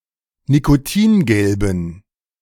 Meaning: inflection of nikotingelb: 1. strong genitive masculine/neuter singular 2. weak/mixed genitive/dative all-gender singular 3. strong/weak/mixed accusative masculine singular 4. strong dative plural
- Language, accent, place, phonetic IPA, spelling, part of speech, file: German, Germany, Berlin, [nikoˈtiːnˌɡɛlbn̩], nikotingelben, adjective, De-nikotingelben.ogg